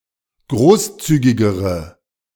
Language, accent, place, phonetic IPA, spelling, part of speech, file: German, Germany, Berlin, [ˈɡʁoːsˌt͡syːɡɪɡəʁə], großzügigere, adjective, De-großzügigere.ogg
- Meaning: inflection of großzügig: 1. strong/mixed nominative/accusative feminine singular comparative degree 2. strong nominative/accusative plural comparative degree